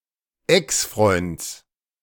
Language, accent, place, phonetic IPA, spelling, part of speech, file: German, Germany, Berlin, [ˈɛksˌfʁɔɪ̯nt͡s], Exfreunds, noun, De-Exfreunds.ogg
- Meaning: genitive of Exfreund